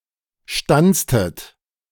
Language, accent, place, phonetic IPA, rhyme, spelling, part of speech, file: German, Germany, Berlin, [ˈʃtant͡stət], -ant͡stət, stanztet, verb, De-stanztet.ogg
- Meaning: inflection of stanzen: 1. second-person plural preterite 2. second-person plural subjunctive II